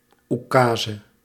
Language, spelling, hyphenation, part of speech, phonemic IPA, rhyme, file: Dutch, oekaze, oe‧ka‧ze, noun, /ˌuˈkaː.zə/, -aːzə, Nl-oekaze.ogg
- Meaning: 1. an ukase, absolutist edict decreed by a Russian czar or (later) emperor 2. any absolute order and/or arrogant proclamation